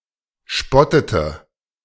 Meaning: inflection of spotten: 1. first/third-person singular preterite 2. first/third-person singular subjunctive II
- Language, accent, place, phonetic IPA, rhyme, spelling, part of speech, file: German, Germany, Berlin, [ˈʃpɔtətə], -ɔtətə, spottete, verb, De-spottete.ogg